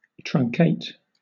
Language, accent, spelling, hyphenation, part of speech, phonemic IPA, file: English, Southern England, truncate, trun‧cate, verb / adjective, /tɹʌŋˈkeɪt/, LL-Q1860 (eng)-truncate.wav
- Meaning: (verb) 1. To shorten (something) by, or as if by, cutting part of it off 2. To shorten (a decimal number) by removing trailing (or leading) digits